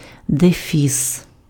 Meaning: hyphen
- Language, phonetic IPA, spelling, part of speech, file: Ukrainian, [deˈfʲis], дефіс, noun, Uk-дефіс.ogg